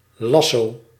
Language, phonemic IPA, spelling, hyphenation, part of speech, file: Dutch, /ˈlɑ.soː/, lasso, las‧so, noun, Nl-lasso.ogg
- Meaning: lasso